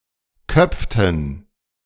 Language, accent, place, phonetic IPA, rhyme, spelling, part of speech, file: German, Germany, Berlin, [ˈkœp͡ftn̩], -œp͡ftn̩, köpften, verb, De-köpften.ogg
- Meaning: inflection of köpfen: 1. first/third-person plural preterite 2. first/third-person plural subjunctive II